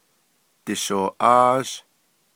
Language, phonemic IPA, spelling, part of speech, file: Navajo, /tɪ̀ʃòːʔɑ́ːʒ/, dishooʼáázh, verb, Nv-dishooʼáázh.ogg
- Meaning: second-person duoplural perfective of dighááh